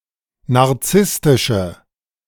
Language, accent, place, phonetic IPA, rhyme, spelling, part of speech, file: German, Germany, Berlin, [naʁˈt͡sɪstɪʃə], -ɪstɪʃə, narzisstische, adjective, De-narzisstische.ogg
- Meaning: inflection of narzisstisch: 1. strong/mixed nominative/accusative feminine singular 2. strong nominative/accusative plural 3. weak nominative all-gender singular